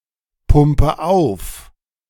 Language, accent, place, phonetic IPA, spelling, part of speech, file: German, Germany, Berlin, [ˌpʊmpə ˈaʊ̯f], pumpe auf, verb, De-pumpe auf.ogg
- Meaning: inflection of aufpumpen: 1. first-person singular present 2. first/third-person singular subjunctive I 3. singular imperative